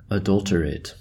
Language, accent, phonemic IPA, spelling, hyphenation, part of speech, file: English, General American, /əˈdʌltəˌɹeɪt/, adulterate, adul‧ter‧ate, verb, En-us-adulterate.ogg
- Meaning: 1. To corrupt, to debase (someone or something) 2. To make less valuable or spoil (something) by adding impurities or other substances 3. To commit adultery with (someone)